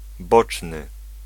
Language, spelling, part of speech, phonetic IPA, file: Polish, boczny, adjective, [ˈbɔt͡ʃnɨ], Pl-boczny.ogg